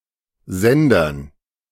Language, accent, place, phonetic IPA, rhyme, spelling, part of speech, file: German, Germany, Berlin, [ˈzɛndɐn], -ɛndɐn, Sendern, noun, De-Sendern.ogg
- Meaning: dative plural of Sender